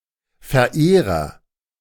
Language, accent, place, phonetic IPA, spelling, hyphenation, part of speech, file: German, Germany, Berlin, [fɛɐ̯ˈʔeːʁɐ], Verehrer, Ver‧eh‧rer, noun, De-Verehrer.ogg
- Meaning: 1. lover (primarily one who loves another in secret) 2. admirer